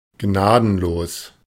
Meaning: merciless, unforgiving
- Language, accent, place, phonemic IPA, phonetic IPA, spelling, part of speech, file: German, Germany, Berlin, /ˈɡnaːdənˌloːs/, [ˈɡnaːdn̩ˌloːs], gnadenlos, adjective, De-gnadenlos.ogg